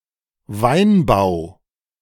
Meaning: winemaking, viniculture, viticulture
- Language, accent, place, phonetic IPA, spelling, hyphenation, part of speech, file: German, Germany, Berlin, [ˈvaɪ̯nˌbaʊ̯], Weinbau, Wein‧bau, noun, De-Weinbau.ogg